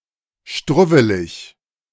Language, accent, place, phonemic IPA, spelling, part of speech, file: German, Germany, Berlin, /ˈʃtʁʊvəlɪç/, struwwelig, adjective, De-struwwelig.ogg
- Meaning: tousled